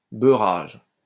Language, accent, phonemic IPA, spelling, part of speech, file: French, France, /bœ.ʁaʒ/, beurrage, noun, LL-Q150 (fra)-beurrage.wav
- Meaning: a buttering, a smearing of butter